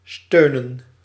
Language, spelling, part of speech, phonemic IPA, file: Dutch, steunen, verb / noun, /ˈstøː.nə(n)/, Nl-steunen.ogg
- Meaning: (verb) 1. to support, keep up, back up, assist 2. to rest, be based or founded on 3. to moan, groan; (noun) plural of steun